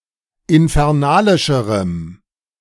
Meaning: strong dative masculine/neuter singular comparative degree of infernalisch
- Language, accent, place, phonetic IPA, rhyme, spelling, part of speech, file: German, Germany, Berlin, [ɪnfɛʁˈnaːlɪʃəʁəm], -aːlɪʃəʁəm, infernalischerem, adjective, De-infernalischerem.ogg